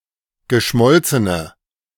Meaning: inflection of geschmolzen: 1. strong/mixed nominative/accusative feminine singular 2. strong nominative/accusative plural 3. weak nominative all-gender singular
- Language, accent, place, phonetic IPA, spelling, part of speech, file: German, Germany, Berlin, [ɡəˈʃmɔlt͡sənə], geschmolzene, adjective, De-geschmolzene.ogg